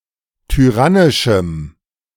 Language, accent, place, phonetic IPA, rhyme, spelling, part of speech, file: German, Germany, Berlin, [tyˈʁanɪʃm̩], -anɪʃm̩, tyrannischem, adjective, De-tyrannischem.ogg
- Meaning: strong dative masculine/neuter singular of tyrannisch